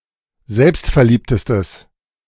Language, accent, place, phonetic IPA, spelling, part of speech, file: German, Germany, Berlin, [ˈzɛlpstfɛɐ̯ˌliːptəstəs], selbstverliebtestes, adjective, De-selbstverliebtestes.ogg
- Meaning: strong/mixed nominative/accusative neuter singular superlative degree of selbstverliebt